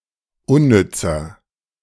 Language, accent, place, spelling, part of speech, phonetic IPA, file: German, Germany, Berlin, unnützer, adjective, [ˈʊnˌnʏt͡sɐ], De-unnützer.ogg
- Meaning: inflection of unnütz: 1. strong/mixed nominative masculine singular 2. strong genitive/dative feminine singular 3. strong genitive plural